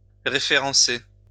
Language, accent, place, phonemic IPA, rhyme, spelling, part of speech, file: French, France, Lyon, /ʁe.fe.ʁɑ̃.se/, -e, référencer, verb, LL-Q150 (fra)-référencer.wav
- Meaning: to list (a product in a catalogue), to put (a product on the shelves)